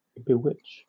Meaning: 1. To cast a spell upon 2. To fascinate or charm 3. To astonish, amaze
- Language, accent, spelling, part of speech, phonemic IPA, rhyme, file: English, Southern England, bewitch, verb, /bəˈwɪt͡ʃ/, -ɪtʃ, LL-Q1860 (eng)-bewitch.wav